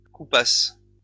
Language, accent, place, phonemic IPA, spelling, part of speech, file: French, France, Lyon, /ku.pas/, coupasses, verb, LL-Q150 (fra)-coupasses.wav
- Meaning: second-person singular imperfect subjunctive of couper